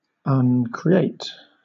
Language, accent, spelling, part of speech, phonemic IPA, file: English, Southern England, uncreate, verb, /ˌʌnkɹiˈeɪt/, LL-Q1860 (eng)-uncreate.wav
- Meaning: 1. To kill; to destroy; to deprive of existence; to annihilate 2. To undo the act of creating